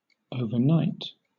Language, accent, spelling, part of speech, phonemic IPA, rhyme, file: English, Southern England, overnight, adverb / adjective / verb / noun, /əʊvə(ɹ)ˈnaɪt/, -aɪt, LL-Q1860 (eng)-overnight.wav
- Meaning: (adverb) 1. During or throughout the night, especially during the evening or night just past 2. In a very short (but unspecified) amount of time; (adjective) Occurring between dusk and dawn